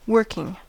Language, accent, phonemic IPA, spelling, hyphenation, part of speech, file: English, General American, /ˈwɝkɪŋ/, working, work‧ing, noun / verb / adjective, En-us-working.ogg
- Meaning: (noun) 1. Operation; action 2. Method of operation 3. The incidental or subsidiary calculations performed in solving an overall problem 4. Fermentation 5. Becoming full of a vegetable substance